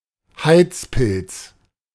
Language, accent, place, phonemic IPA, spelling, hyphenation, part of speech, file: German, Germany, Berlin, /ˈhaɪ̯t͡spɪlt͡s/, Heizpilz, Heiz‧pilz, noun, De-Heizpilz.ogg
- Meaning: 1. heating mantle, isomantle (heating device for use in laboratories) 2. patio heater (heating device for outside spaces)